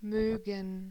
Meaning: 1. to like (something or someone) 2. would like; to want (something) 3. would like; to want 4. to want to; would like to; to wish to 5. to want; would like (similar to möchte) 6. may (as a concession)
- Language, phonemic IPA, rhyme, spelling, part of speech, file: German, /ˈmøːɡən/, -øːɡən, mögen, verb, De-mögen.ogg